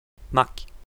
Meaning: ring-tailed lemur (Lemur catta); maki
- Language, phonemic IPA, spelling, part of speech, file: Malagasy, /makʲ/, maky, noun, Mg-maky.ogg